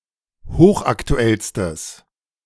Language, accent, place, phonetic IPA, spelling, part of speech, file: German, Germany, Berlin, [ˈhoːxʔaktuˌɛlstəs], hochaktuellstes, adjective, De-hochaktuellstes.ogg
- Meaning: strong/mixed nominative/accusative neuter singular superlative degree of hochaktuell